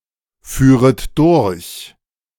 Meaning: second-person plural subjunctive II of durchfahren
- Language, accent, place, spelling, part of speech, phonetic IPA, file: German, Germany, Berlin, führet durch, verb, [ˌfyːʁət ˈdʊʁç], De-führet durch.ogg